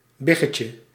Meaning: diminutive of big
- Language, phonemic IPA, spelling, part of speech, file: Dutch, /ˈbɪɣəcə/, biggetje, noun, Nl-biggetje.ogg